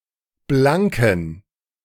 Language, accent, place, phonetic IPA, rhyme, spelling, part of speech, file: German, Germany, Berlin, [ˈblaŋkn̩], -aŋkn̩, blanken, adjective, De-blanken.ogg
- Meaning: inflection of blank: 1. strong genitive masculine/neuter singular 2. weak/mixed genitive/dative all-gender singular 3. strong/weak/mixed accusative masculine singular 4. strong dative plural